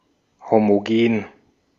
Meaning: homogeneous (having the same composition throughout)
- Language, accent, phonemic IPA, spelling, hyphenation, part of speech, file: German, Austria, /ˌhomoˈɡeːn/, homogen, ho‧mo‧gen, adjective, De-at-homogen.ogg